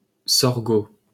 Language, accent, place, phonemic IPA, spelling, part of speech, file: French, France, Paris, /sɔʁ.ɡo/, sorgo, noun, LL-Q150 (fra)-sorgo.wav
- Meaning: post-1990 spelling of sorgho